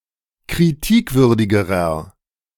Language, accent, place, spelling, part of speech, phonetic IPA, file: German, Germany, Berlin, kritikwürdigerer, adjective, [kʁiˈtiːkˌvʏʁdɪɡəʁɐ], De-kritikwürdigerer.ogg
- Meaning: inflection of kritikwürdig: 1. strong/mixed nominative masculine singular comparative degree 2. strong genitive/dative feminine singular comparative degree 3. strong genitive plural comparative degree